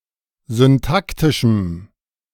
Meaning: strong dative masculine/neuter singular of syntaktisch
- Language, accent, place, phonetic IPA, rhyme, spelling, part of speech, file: German, Germany, Berlin, [zʏnˈtaktɪʃm̩], -aktɪʃm̩, syntaktischem, adjective, De-syntaktischem.ogg